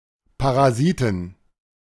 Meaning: inflection of Parasit: 1. genitive/dative/accusative singular 2. nominative/genitive/dative/accusative plural
- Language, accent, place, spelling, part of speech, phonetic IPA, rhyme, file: German, Germany, Berlin, Parasiten, noun, [paʁaˈziːtn̩], -iːtn̩, De-Parasiten.ogg